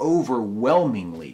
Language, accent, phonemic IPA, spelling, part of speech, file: English, US, /ˌəʊ.vəˈwɛl.mɪŋ.lɪ/, overwhelmingly, adverb, En-us-overwhelmingly.ogg
- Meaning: 1. In an overwhelming manner; very greatly or intensely 2. Mostly; predominantly; almost completely